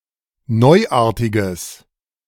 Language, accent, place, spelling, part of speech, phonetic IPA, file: German, Germany, Berlin, neuartiges, adjective, [ˈnɔɪ̯ˌʔaːɐ̯tɪɡəs], De-neuartiges.ogg
- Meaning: strong/mixed nominative/accusative neuter singular of neuartig